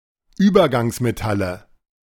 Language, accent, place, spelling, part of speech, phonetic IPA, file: German, Germany, Berlin, Übergangsmetalle, noun, [ˈyːbɐɡaŋsmeˌtalə], De-Übergangsmetalle.ogg
- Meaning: plural of Übergangsmetall